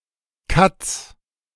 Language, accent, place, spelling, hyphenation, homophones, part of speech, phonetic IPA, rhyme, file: German, Germany, Berlin, Kats, Kats, Katz, noun, [kats], -ats, De-Kats.ogg
- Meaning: 1. plural of Kat 2. genitive singular of Kat